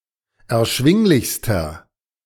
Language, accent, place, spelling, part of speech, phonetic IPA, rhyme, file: German, Germany, Berlin, erschwinglichster, adjective, [ɛɐ̯ˈʃvɪŋlɪçstɐ], -ɪŋlɪçstɐ, De-erschwinglichster.ogg
- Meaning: inflection of erschwinglich: 1. strong/mixed nominative masculine singular superlative degree 2. strong genitive/dative feminine singular superlative degree